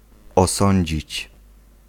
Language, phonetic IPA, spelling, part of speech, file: Polish, [ɔˈsɔ̃ɲd͡ʑit͡ɕ], osądzić, verb, Pl-osądzić.ogg